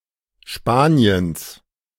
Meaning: genitive singular of Spanien
- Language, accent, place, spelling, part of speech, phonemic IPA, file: German, Germany, Berlin, Spaniens, proper noun, /ˈʃpaːni̯əns/, De-Spaniens.ogg